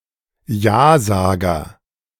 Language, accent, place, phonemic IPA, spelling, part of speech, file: German, Germany, Berlin, /ˈjaːˌzaːɡɐ/, Jasager, noun, De-Jasager.ogg
- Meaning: yes man (yes-man), yeasayer (yea-sayer), apple-shiner (male or of unspecified gender)